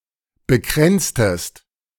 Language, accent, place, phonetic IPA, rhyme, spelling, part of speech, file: German, Germany, Berlin, [bəˈkʁɛnt͡stəst], -ɛnt͡stəst, bekränztest, verb, De-bekränztest.ogg
- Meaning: inflection of bekränzen: 1. second-person singular preterite 2. second-person singular subjunctive II